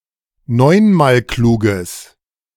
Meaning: strong/mixed nominative/accusative neuter singular of neunmalklug
- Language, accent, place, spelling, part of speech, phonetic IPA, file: German, Germany, Berlin, neunmalkluges, adjective, [ˈnɔɪ̯nmaːlˌkluːɡəs], De-neunmalkluges.ogg